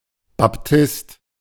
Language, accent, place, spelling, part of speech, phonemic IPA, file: German, Germany, Berlin, Baptist, proper noun / noun, /bapˈtɪst/, De-Baptist.ogg
- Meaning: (proper noun) the Baptist (title of Saint John the Baptist); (noun) Baptist (male or of unspecified gender) (member of a Baptist church or denomination)